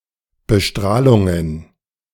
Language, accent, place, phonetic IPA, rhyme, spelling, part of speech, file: German, Germany, Berlin, [bəˈʃtʁaːlʊŋən], -aːlʊŋən, Bestrahlungen, noun, De-Bestrahlungen.ogg
- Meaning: plural of Bestrahlung